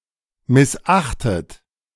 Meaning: past participle of missachten
- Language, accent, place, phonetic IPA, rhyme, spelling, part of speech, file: German, Germany, Berlin, [mɪsˈʔaxtət], -axtət, missachtet, verb, De-missachtet.ogg